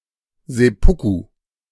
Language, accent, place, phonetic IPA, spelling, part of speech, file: German, Germany, Berlin, [zɛˈpʊku], Seppuku, noun, De-Seppuku.ogg
- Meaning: seppuku, hara-kiri